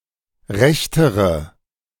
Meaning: inflection of recht: 1. strong/mixed nominative/accusative feminine singular comparative degree 2. strong nominative/accusative plural comparative degree
- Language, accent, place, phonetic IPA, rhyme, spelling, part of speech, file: German, Germany, Berlin, [ˈʁɛçtəʁə], -ɛçtəʁə, rechtere, adjective, De-rechtere.ogg